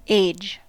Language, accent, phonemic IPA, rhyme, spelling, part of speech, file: English, US, /eɪd͡ʒ/, -eɪdʒ, age, noun / verb, En-us-age.ogg